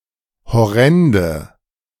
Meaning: inflection of horrend: 1. strong/mixed nominative/accusative feminine singular 2. strong nominative/accusative plural 3. weak nominative all-gender singular 4. weak accusative feminine/neuter singular
- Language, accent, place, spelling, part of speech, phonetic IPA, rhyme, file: German, Germany, Berlin, horrende, adjective, [hɔˈʁɛndə], -ɛndə, De-horrende.ogg